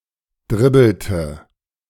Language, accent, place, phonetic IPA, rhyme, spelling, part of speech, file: German, Germany, Berlin, [ˈdʁɪbl̩tə], -ɪbl̩tə, dribbelte, verb, De-dribbelte.ogg
- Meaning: inflection of dribbeln: 1. first/third-person singular preterite 2. first/third-person singular subjunctive II